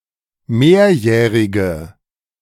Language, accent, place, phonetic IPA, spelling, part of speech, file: German, Germany, Berlin, [ˈmeːɐ̯ˌjɛːʁɪɡə], mehrjährige, adjective, De-mehrjährige.ogg
- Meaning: inflection of mehrjährig: 1. strong/mixed nominative/accusative feminine singular 2. strong nominative/accusative plural 3. weak nominative all-gender singular